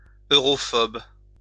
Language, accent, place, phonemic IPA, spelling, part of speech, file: French, France, Lyon, /ø.ʁɔ.fɔb/, europhobe, adjective, LL-Q150 (fra)-europhobe.wav
- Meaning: Europhobic